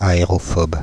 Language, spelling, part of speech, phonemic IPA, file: French, aérophobe, adjective, /a.e.ʁɔ.fɔb/, Fr-aérophobe.ogg
- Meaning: aerophobic